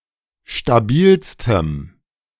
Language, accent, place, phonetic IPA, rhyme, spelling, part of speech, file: German, Germany, Berlin, [ʃtaˈbiːlstəm], -iːlstəm, stabilstem, adjective, De-stabilstem.ogg
- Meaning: strong dative masculine/neuter singular superlative degree of stabil